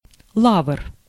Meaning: 1. laurel, bay tree 2. genitive plural of ла́вра (lávra)
- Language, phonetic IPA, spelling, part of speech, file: Russian, [ɫavr], лавр, noun, Ru-лавр.ogg